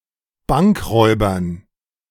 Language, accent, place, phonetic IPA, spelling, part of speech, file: German, Germany, Berlin, [ˈbaŋkˌʁɔɪ̯bɐn], Bankräubern, noun, De-Bankräubern.ogg
- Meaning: dative plural of Bankräuber